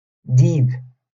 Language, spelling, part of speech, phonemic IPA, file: Moroccan Arabic, ديب, noun, /diːb/, LL-Q56426 (ary)-ديب.wav
- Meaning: wolf